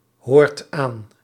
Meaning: inflection of aanhoren: 1. second/third-person singular present indicative 2. plural imperative
- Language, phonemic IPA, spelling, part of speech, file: Dutch, /ˈhort ˈan/, hoort aan, verb, Nl-hoort aan.ogg